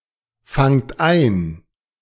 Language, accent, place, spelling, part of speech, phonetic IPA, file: German, Germany, Berlin, fangt ein, verb, [ˌfaŋt ˈaɪ̯n], De-fangt ein.ogg
- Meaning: inflection of einfangen: 1. second-person plural present 2. plural imperative